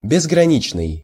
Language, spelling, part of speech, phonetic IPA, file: Russian, безграничный, adjective, [bʲɪzɡrɐˈnʲit͡ɕnɨj], Ru-безграничный.ogg
- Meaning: infinite, boundless, limitless